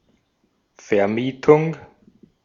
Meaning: renting
- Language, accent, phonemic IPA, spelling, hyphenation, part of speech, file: German, Austria, /fɛɐ̯ˈmiːtʊŋ/, Vermietung, Ver‧mie‧tung, noun, De-at-Vermietung.ogg